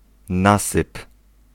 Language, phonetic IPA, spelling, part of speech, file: Polish, [ˈnasɨp], nasyp, noun / verb, Pl-nasyp.ogg